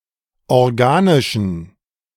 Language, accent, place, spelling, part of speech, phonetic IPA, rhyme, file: German, Germany, Berlin, organischen, adjective, [ɔʁˈɡaːnɪʃn̩], -aːnɪʃn̩, De-organischen.ogg
- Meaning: inflection of organisch: 1. strong genitive masculine/neuter singular 2. weak/mixed genitive/dative all-gender singular 3. strong/weak/mixed accusative masculine singular 4. strong dative plural